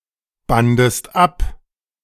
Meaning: second-person singular preterite of abbinden
- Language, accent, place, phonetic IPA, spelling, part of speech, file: German, Germany, Berlin, [ˌbandəst ˈap], bandest ab, verb, De-bandest ab.ogg